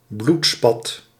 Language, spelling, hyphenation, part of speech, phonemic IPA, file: Dutch, bloedspat, bloed‧spat, noun, /ˈblut.spɑt/, Nl-bloedspat.ogg
- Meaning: blood stain